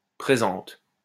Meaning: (adjective) feminine singular of présent; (noun) the letter, document etc. that the reader is reading; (verb) inflection of présenter: first/third-person singular present indicative/subjunctive
- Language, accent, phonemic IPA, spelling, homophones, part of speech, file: French, France, /pʁe.zɑ̃t/, présente, présentes, adjective / noun / verb, LL-Q150 (fra)-présente.wav